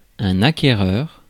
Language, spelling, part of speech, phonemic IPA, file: French, acquéreur, noun, /a.ke.ʁœʁ/, Fr-acquéreur.ogg
- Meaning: buyer, purchaser (of real estate)